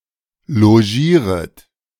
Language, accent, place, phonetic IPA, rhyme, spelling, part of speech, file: German, Germany, Berlin, [loˈʒiːʁət], -iːʁət, logieret, verb, De-logieret.ogg
- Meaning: second-person plural subjunctive I of logieren